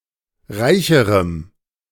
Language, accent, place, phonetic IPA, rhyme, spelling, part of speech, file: German, Germany, Berlin, [ˈʁaɪ̯çəʁəm], -aɪ̯çəʁəm, reicherem, adjective, De-reicherem.ogg
- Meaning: strong dative masculine/neuter singular comparative degree of reich